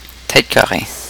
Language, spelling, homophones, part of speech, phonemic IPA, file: French, tête carrée, têtes carrées, noun, /tɛt ka.ʁe/, Qc-tête carrée.oga
- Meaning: 1. stubborn, pigheaded, or hardheaded man 2. Anglophone (especially from an Anglophone part of Canada)